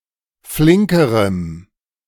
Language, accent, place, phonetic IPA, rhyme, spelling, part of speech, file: German, Germany, Berlin, [ˈflɪŋkəʁəm], -ɪŋkəʁəm, flinkerem, adjective, De-flinkerem.ogg
- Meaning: strong dative masculine/neuter singular comparative degree of flink